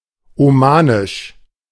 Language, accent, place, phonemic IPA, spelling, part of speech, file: German, Germany, Berlin, /oˈmaːnɪʃ/, omanisch, adjective, De-omanisch.ogg
- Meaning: of Oman; Omani